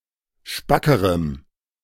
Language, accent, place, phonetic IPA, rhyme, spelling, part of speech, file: German, Germany, Berlin, [ˈʃpakəʁəm], -akəʁəm, spackerem, adjective, De-spackerem.ogg
- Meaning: strong dative masculine/neuter singular comparative degree of spack